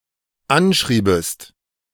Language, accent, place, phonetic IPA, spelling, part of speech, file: German, Germany, Berlin, [ˈanˌʃʁiːbəst], anschriebest, verb, De-anschriebest.ogg
- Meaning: second-person singular dependent subjunctive II of anschreiben